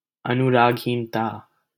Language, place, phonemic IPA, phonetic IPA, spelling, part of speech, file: Hindi, Delhi, /ə.nʊ.ɾɑːɡ.ɦiːn.t̪ɑː/, [ɐ.nʊ.ɾäːɡ.ɦĩːn̪.t̪äː], अनुरागहीनता, noun, LL-Q1568 (hin)-अनुरागहीनता.wav
- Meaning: apathy